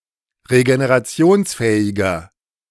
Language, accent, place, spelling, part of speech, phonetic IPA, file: German, Germany, Berlin, regenerationsfähiger, adjective, [ʁeɡeneʁaˈt͡si̯oːnsˌfɛːɪɡɐ], De-regenerationsfähiger.ogg
- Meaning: 1. comparative degree of regenerationsfähig 2. inflection of regenerationsfähig: strong/mixed nominative masculine singular